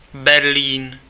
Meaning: Berlin (the capital and largest city and state of Germany)
- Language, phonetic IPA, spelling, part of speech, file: Czech, [ˈbɛrliːn], Berlín, proper noun, Cs-Berlín.ogg